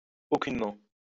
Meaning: at all
- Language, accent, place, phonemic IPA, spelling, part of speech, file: French, France, Lyon, /o.kyn.mɑ̃/, aucunement, adverb, LL-Q150 (fra)-aucunement.wav